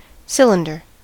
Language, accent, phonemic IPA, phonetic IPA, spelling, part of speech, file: English, US, /ˈsɪləndɚ/, [ˈsɪlɪ̈ndɚ], cylinder, noun / verb, En-us-cylinder.ogg
- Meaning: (noun) A surface created by projecting a closed two-dimensional curve along an axis intersecting the plane of the curve